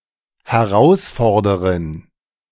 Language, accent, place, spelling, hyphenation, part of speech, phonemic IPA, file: German, Germany, Berlin, Herausforderin, Her‧aus‧for‧der‧in, noun, /heˈʁaʊ̯sˌfɔʁdəʁɪn/, De-Herausforderin.ogg
- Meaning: female equivalent of Herausforderer (“challenger, contender, opponent”)